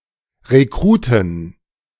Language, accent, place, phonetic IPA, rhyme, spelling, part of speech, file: German, Germany, Berlin, [ʁeˈkʁuːtn̩], -uːtn̩, Rekruten, noun, De-Rekruten.ogg
- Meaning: 1. genitive singular of Rekrut 2. plural of Rekrut